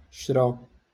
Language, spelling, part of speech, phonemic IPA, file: Moroccan Arabic, شرى, verb, /ʃra/, LL-Q56426 (ary)-شرى.wav
- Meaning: to buy